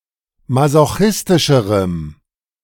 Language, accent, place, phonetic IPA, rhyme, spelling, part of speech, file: German, Germany, Berlin, [mazoˈxɪstɪʃəʁəm], -ɪstɪʃəʁəm, masochistischerem, adjective, De-masochistischerem.ogg
- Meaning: strong dative masculine/neuter singular comparative degree of masochistisch